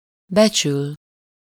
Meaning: 1. to estimate (at an amount: -ra/-re or -nak/-nek) 2. to appreciate, to value (to regard highly; a person: -ban/-ben)
- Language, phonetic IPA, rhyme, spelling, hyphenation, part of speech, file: Hungarian, [ˈbɛt͡ʃyl], -yl, becsül, be‧csül, verb, Hu-becsül.ogg